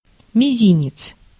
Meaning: 1. little finger 2. little toe
- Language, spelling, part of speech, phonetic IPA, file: Russian, мизинец, noun, [mʲɪˈzʲinʲɪt͡s], Ru-мизинец.ogg